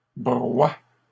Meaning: second-person singular present indicative/subjunctive of broyer
- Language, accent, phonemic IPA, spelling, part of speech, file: French, Canada, /bʁwa/, broies, verb, LL-Q150 (fra)-broies.wav